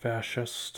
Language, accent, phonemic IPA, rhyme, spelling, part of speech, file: English, US, /ˈfæʃɪst/, -æʃɪst, fascist, adjective / noun, Fascist US.ogg
- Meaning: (adjective) 1. Of or relating to fascism 2. Supporting the principles of fascism 3. Unfairly oppressive or needlessly strict; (noun) A proponent of fascism